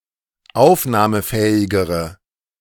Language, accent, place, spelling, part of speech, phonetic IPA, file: German, Germany, Berlin, aufnahmefähigere, adjective, [ˈaʊ̯fnaːməˌfɛːɪɡəʁə], De-aufnahmefähigere.ogg
- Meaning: inflection of aufnahmefähig: 1. strong/mixed nominative/accusative feminine singular comparative degree 2. strong nominative/accusative plural comparative degree